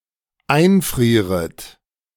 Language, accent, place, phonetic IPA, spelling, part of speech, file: German, Germany, Berlin, [ˈaɪ̯nˌfʁiːʁət], einfrieret, verb, De-einfrieret.ogg
- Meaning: second-person plural dependent subjunctive I of einfrieren